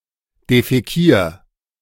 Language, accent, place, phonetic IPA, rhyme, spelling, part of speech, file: German, Germany, Berlin, [defɛˈkiːɐ̯], -iːɐ̯, defäkier, verb, De-defäkier.ogg
- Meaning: 1. singular imperative of defäkieren 2. first-person singular present of defäkieren